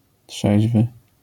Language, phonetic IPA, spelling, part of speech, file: Polish, [ˈṭʃɛʑvɨ], trzeźwy, adjective, LL-Q809 (pol)-trzeźwy.wav